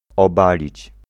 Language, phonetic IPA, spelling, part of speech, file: Polish, [ɔˈbalʲit͡ɕ], obalić, verb, Pl-obalić.ogg